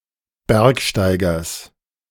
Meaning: genitive singular of Bergsteiger
- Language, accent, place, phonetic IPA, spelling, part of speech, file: German, Germany, Berlin, [ˈbɛʁkʃtaɪ̯ɡɐs], Bergsteigers, noun, De-Bergsteigers.ogg